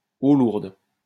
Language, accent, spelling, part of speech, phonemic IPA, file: French, France, eau lourde, noun, /o luʁd/, LL-Q150 (fra)-eau lourde.wav
- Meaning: heavy water